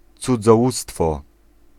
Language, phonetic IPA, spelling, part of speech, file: Polish, [ˌt͡sud͡zɔˈwustfɔ], cudzołóstwo, noun, Pl-cudzołóstwo.ogg